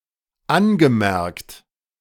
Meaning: past participle of anmerken
- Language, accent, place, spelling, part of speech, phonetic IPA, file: German, Germany, Berlin, angemerkt, verb, [ˈanɡəˌmɛʁkt], De-angemerkt.ogg